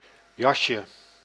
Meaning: diminutive of jas
- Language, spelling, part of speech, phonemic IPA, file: Dutch, jasje, noun, /ˈjɑʃə/, Nl-jasje.ogg